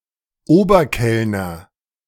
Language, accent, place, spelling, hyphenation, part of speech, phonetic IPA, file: German, Germany, Berlin, Oberkellner, Ober‧kell‧ner, noun, [ˈoːbɐˌkɛlnɐ], De-Oberkellner.ogg
- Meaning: headwaiter